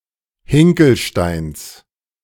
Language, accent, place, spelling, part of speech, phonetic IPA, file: German, Germany, Berlin, Hinkelsteins, noun, [ˈhɪŋkl̩ˌʃtaɪ̯ns], De-Hinkelsteins.ogg
- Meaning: genitive singular of Hinkelstein